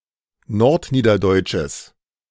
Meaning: strong/mixed nominative/accusative neuter singular of nordniederdeutsch
- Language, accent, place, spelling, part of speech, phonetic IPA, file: German, Germany, Berlin, nordniederdeutsches, adjective, [ˈnɔʁtˌniːdɐdɔɪ̯t͡ʃəs], De-nordniederdeutsches.ogg